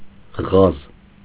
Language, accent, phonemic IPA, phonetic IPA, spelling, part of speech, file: Armenian, Eastern Armenian, /ʁɑz/, [ʁɑz], ղազ, noun, Hy-ղազ.ogg
- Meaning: 1. goose 2. chump, loser